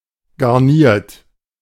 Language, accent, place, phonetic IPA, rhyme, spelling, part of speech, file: German, Germany, Berlin, [ɡaʁˈniːɐ̯t], -iːɐ̯t, garniert, verb, De-garniert.ogg
- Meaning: 1. past participle of garnieren 2. inflection of garnieren: third-person singular present 3. inflection of garnieren: second-person plural present 4. inflection of garnieren: plural imperative